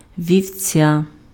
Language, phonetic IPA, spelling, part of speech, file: Ukrainian, [ʋʲiu̯ˈt͡sʲa], вівця, noun, Uk-вівця.ogg
- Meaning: sheep, ewe (mammal)